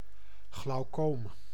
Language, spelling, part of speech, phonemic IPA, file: Dutch, glaucoom, noun, /ɣlɑu̯ˈkoːm/, Nl-glaucoom.ogg
- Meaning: glaucoma